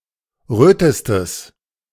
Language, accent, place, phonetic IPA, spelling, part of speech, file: German, Germany, Berlin, [ˈʁøːtəstəs], rötestes, adjective, De-rötestes.ogg
- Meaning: strong/mixed nominative/accusative neuter singular superlative degree of rot